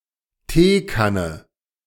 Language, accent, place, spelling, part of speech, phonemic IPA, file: German, Germany, Berlin, Teekanne, noun, /ˈteːˌkanə/, De-Teekanne.ogg
- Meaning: teapot